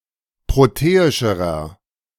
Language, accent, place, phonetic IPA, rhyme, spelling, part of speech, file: German, Germany, Berlin, [ˌpʁoˈteːɪʃəʁɐ], -eːɪʃəʁɐ, proteischerer, adjective, De-proteischerer.ogg
- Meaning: inflection of proteisch: 1. strong/mixed nominative masculine singular comparative degree 2. strong genitive/dative feminine singular comparative degree 3. strong genitive plural comparative degree